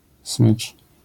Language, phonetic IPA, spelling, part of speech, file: Polish, [smɨt͡ʃ], smycz, noun, LL-Q809 (pol)-smycz.wav